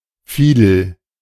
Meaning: alternative spelling of Fiedel (“vielle, fiddle”)
- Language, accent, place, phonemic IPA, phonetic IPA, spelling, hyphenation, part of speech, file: German, Germany, Berlin, /ˈfiːdəl/, [ˈfiː.dl̩], Fidel, Fi‧del, noun, De-Fidel.ogg